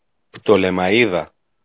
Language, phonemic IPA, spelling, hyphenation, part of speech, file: Greek, /pto.le.maˈi.ða/, Πτολεμαΐδα, Πτο‧λε‧μα‧ΐ‧δα, proper noun, El-Πτολεμαΐδα.ogg
- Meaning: Ptolemaida (a large town in Thrace, Greece)